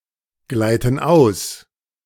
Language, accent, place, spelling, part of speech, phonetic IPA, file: German, Germany, Berlin, gleiten aus, verb, [ˌɡlaɪ̯tn̩ ˈaʊ̯s], De-gleiten aus.ogg
- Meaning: inflection of ausgleiten: 1. first/third-person plural present 2. first/third-person plural subjunctive I